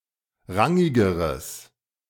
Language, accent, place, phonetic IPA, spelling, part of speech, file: German, Germany, Berlin, [ˈʁaŋɪɡəʁəs], rangigeres, adjective, De-rangigeres.ogg
- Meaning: strong/mixed nominative/accusative neuter singular comparative degree of rangig